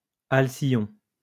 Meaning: 1. halcyon 2. kingfisher
- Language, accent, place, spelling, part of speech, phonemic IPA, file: French, France, Lyon, alcyon, noun, /al.sjɔ̃/, LL-Q150 (fra)-alcyon.wav